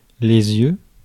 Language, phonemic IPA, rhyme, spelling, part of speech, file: French, /jø/, -jø, yeux, noun, Fr-yeux.ogg
- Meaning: plural of œil, eyes